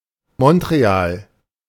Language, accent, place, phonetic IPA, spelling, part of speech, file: German, Germany, Berlin, [mɔntʁeˈaːl], Montreal, proper noun, De-Montreal.ogg
- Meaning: Montreal (an island on which is situated the largest city in Quebec, Canada)